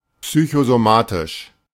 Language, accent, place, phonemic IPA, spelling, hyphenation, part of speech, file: German, Germany, Berlin, /ˌpsyçozoˈmaːtɪʃ/, psychosomatisch, psy‧cho‧so‧ma‧tisch, adjective, De-psychosomatisch.ogg
- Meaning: psychosomatic